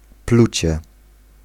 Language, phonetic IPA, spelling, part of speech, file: Polish, [ˈplut͡ɕɛ], plucie, noun, Pl-plucie.ogg